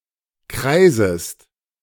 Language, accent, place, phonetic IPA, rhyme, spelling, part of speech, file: German, Germany, Berlin, [ˈkʁaɪ̯zəst], -aɪ̯zəst, kreisest, verb, De-kreisest.ogg
- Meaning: second-person singular subjunctive I of kreisen